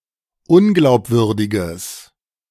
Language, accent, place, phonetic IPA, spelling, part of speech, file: German, Germany, Berlin, [ˈʊnɡlaʊ̯pˌvʏʁdɪɡəs], unglaubwürdiges, adjective, De-unglaubwürdiges.ogg
- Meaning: strong/mixed nominative/accusative neuter singular of unglaubwürdig